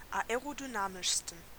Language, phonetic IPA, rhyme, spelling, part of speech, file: German, [aeʁodyˈnaːmɪʃstn̩], -aːmɪʃstn̩, aerodynamischsten, adjective, De-aerodynamischsten.ogg
- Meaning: 1. superlative degree of aerodynamisch 2. inflection of aerodynamisch: strong genitive masculine/neuter singular superlative degree